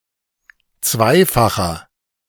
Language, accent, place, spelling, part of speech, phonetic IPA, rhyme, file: German, Germany, Berlin, zweifacher, adjective, [ˈt͡svaɪ̯faxɐ], -aɪ̯faxɐ, De-zweifacher.ogg
- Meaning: inflection of zweifach: 1. strong/mixed nominative masculine singular 2. strong genitive/dative feminine singular 3. strong genitive plural